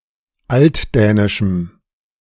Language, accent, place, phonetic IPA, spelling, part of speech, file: German, Germany, Berlin, [ˈaltˌdɛːnɪʃm̩], altdänischem, adjective, De-altdänischem.ogg
- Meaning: strong dative masculine/neuter singular of altdänisch